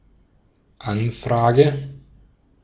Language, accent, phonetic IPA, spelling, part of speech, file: German, Austria, [ˈanˌfʁaːɡə], Anfrage, noun, De-at-Anfrage.ogg
- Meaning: inquiry